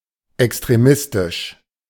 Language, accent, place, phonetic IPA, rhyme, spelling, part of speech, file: German, Germany, Berlin, [ɛkstʁeˈmɪstɪʃ], -ɪstɪʃ, extremistisch, adjective, De-extremistisch.ogg
- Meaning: extremist